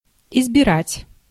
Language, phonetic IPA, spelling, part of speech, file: Russian, [ɪzbʲɪˈratʲ], избирать, verb, Ru-избирать.ogg
- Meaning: to choose, to elect